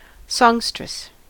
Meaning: 1. A female singer 2. A female songbird
- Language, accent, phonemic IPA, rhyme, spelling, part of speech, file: English, US, /ˈsɑŋɡ.stɹɪs/, -ɑŋɡstɹɪs, songstress, noun, En-us-songstress.ogg